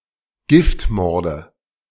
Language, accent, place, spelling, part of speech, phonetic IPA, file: German, Germany, Berlin, Giftmorde, noun, [ˈɡɪftˌmɔʁdə], De-Giftmorde.ogg
- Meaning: nominative/accusative/genitive plural of Giftmord